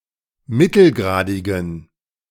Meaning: inflection of mittelgradig: 1. strong genitive masculine/neuter singular 2. weak/mixed genitive/dative all-gender singular 3. strong/weak/mixed accusative masculine singular 4. strong dative plural
- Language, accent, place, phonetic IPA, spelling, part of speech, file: German, Germany, Berlin, [ˈmɪtl̩ˌɡʁaːdɪɡn̩], mittelgradigen, adjective, De-mittelgradigen.ogg